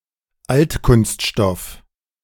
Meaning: recycled plastic
- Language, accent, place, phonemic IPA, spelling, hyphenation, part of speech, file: German, Germany, Berlin, /ˈaltkʊnstˌʃtɔf/, Altkunststoff, Alt‧kunst‧stoff, noun, De-Altkunststoff.ogg